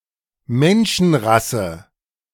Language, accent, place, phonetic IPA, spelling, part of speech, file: German, Germany, Berlin, [ˈmɛnʃn̩ˌʁasə], Menschenrasse, noun, De-Menschenrasse.ogg
- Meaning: a race of mankind (usually plural)